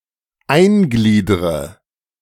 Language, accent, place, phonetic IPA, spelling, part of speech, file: German, Germany, Berlin, [ˈaɪ̯nˌɡliːdʁə], eingliedre, verb, De-eingliedre.ogg
- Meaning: inflection of eingliedern: 1. first-person singular present 2. first/third-person singular subjunctive I 3. singular imperative